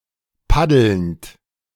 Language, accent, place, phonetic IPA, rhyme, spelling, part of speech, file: German, Germany, Berlin, [ˈpadl̩nt], -adl̩nt, paddelnd, verb, De-paddelnd.ogg
- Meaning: present participle of paddeln